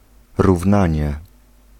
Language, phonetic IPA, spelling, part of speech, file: Polish, [ruvˈnãɲɛ], równanie, noun, Pl-równanie.ogg